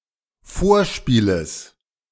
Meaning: genitive singular of Vorspiel
- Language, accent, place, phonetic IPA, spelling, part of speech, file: German, Germany, Berlin, [ˈfoːɐ̯ˌʃpiːləs], Vorspieles, noun, De-Vorspieles.ogg